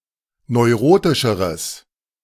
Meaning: strong/mixed nominative/accusative neuter singular comparative degree of neurotisch
- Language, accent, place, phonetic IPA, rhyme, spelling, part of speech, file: German, Germany, Berlin, [nɔɪ̯ˈʁoːtɪʃəʁəs], -oːtɪʃəʁəs, neurotischeres, adjective, De-neurotischeres.ogg